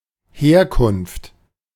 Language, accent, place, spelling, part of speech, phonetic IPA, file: German, Germany, Berlin, Herkunft, noun, [ˈheːɐ̯kʊnft], De-Herkunft.ogg
- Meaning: 1. origin, source 2. descent (lineage or hereditary derivation) 3. etymology (origin of a word)